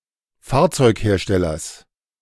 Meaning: genitive singular of Fahrzeughersteller
- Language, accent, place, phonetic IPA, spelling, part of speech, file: German, Germany, Berlin, [ˈfaːɐ̯t͡sɔɪ̯kˌheːɐ̯ʃtɛlɐs], Fahrzeugherstellers, noun, De-Fahrzeugherstellers.ogg